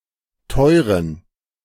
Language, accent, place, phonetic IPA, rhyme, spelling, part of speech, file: German, Germany, Berlin, [ˈtɔɪ̯ʁən], -ɔɪ̯ʁən, teuren, adjective, De-teuren.ogg
- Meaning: inflection of teuer: 1. strong genitive masculine/neuter singular 2. weak/mixed genitive/dative all-gender singular 3. strong/weak/mixed accusative masculine singular 4. strong dative plural